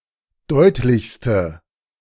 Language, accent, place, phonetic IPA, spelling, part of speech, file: German, Germany, Berlin, [ˈdɔɪ̯tlɪçstə], deutlichste, adjective, De-deutlichste.ogg
- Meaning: inflection of deutlich: 1. strong/mixed nominative/accusative feminine singular superlative degree 2. strong nominative/accusative plural superlative degree